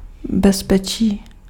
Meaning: safety (state of being safe)
- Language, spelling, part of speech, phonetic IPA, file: Czech, bezpečí, noun, [ˈbɛspɛt͡ʃiː], Cs-bezpečí.ogg